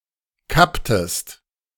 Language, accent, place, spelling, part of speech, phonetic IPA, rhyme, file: German, Germany, Berlin, kapptest, verb, [ˈkaptəst], -aptəst, De-kapptest.ogg
- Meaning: inflection of kappen: 1. second-person singular preterite 2. second-person singular subjunctive II